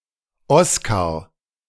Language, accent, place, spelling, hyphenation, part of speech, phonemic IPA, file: German, Germany, Berlin, Oskar, Os‧kar, proper noun, /ˈɔskaʁ/, De-Oskar.ogg
- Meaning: a male given name